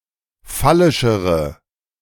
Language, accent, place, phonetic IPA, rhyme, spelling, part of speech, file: German, Germany, Berlin, [ˈfalɪʃəʁə], -alɪʃəʁə, phallischere, adjective, De-phallischere.ogg
- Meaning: inflection of phallisch: 1. strong/mixed nominative/accusative feminine singular comparative degree 2. strong nominative/accusative plural comparative degree